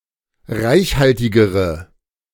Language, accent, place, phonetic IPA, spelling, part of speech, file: German, Germany, Berlin, [ˈʁaɪ̯çˌhaltɪɡəʁə], reichhaltigere, adjective, De-reichhaltigere.ogg
- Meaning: inflection of reichhaltig: 1. strong/mixed nominative/accusative feminine singular comparative degree 2. strong nominative/accusative plural comparative degree